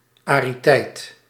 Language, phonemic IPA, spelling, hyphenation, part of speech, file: Dutch, /aːriˈtɛi̯t/, ariteit, ari‧teit, noun, Nl-ariteit.ogg
- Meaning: arity (number of arguments)